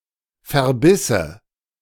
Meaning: first/third-person singular subjunctive II of verbeißen
- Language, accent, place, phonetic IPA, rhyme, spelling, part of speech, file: German, Germany, Berlin, [fɛɐ̯ˈbɪsə], -ɪsə, verbisse, verb, De-verbisse.ogg